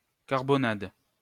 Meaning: carbonade
- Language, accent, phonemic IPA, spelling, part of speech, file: French, France, /kaʁ.bɔ.nad/, carbonnade, noun, LL-Q150 (fra)-carbonnade.wav